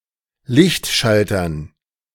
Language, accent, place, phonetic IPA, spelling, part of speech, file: German, Germany, Berlin, [ˈlɪçtˌʃaltɐn], Lichtschaltern, noun, De-Lichtschaltern.ogg
- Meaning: dative plural of Lichtschalter